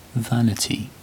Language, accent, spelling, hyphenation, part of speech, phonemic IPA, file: English, Received Pronunciation, vanity, van‧i‧ty, noun, /ˈvænɪti/, En-uk-vanity.ogg
- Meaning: 1. That which is vain, futile, or worthless; that which is of no value, use or profit 2. Excessive pride in or admiration of one's own abilities, appearance, achievements, or possessions